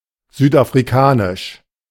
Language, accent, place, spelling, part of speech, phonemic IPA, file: German, Germany, Berlin, südafrikanisch, adjective, /ˌzyːtʔafʁiˈkaːnɪʃ/, De-südafrikanisch.ogg
- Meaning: South African